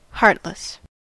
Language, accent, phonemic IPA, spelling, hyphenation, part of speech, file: English, US, /ˈhɑɹt.lɪs/, heartless, heart‧less, adjective, En-us-heartless.ogg
- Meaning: 1. Without feeling, emotion, or concern for others; uncaring; cruel 2. Without a physical heart 3. Listless, unenthusiastic 4. Without courage; fearful, cowardly